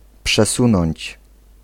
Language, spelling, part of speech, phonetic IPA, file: Polish, przesunąć, verb, [pʃɛˈsũnɔ̃ɲt͡ɕ], Pl-przesunąć.ogg